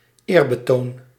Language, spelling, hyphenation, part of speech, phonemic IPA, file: Dutch, eerbetoon, eer‧be‧toon, noun, /ˈeːr.bəˌtoːn/, Nl-eerbetoon.ogg
- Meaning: homage, tribute, praise